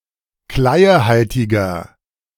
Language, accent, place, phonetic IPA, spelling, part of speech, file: German, Germany, Berlin, [ˈklaɪ̯əˌhaltɪɡɐ], kleiehaltiger, adjective, De-kleiehaltiger.ogg
- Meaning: inflection of kleiehaltig: 1. strong/mixed nominative masculine singular 2. strong genitive/dative feminine singular 3. strong genitive plural